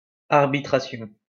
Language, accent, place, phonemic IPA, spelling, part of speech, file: French, France, Lyon, /aʁ.bi.tʁa.sjɔ̃/, arbitration, noun, LL-Q150 (fra)-arbitration.wav
- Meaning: arbitration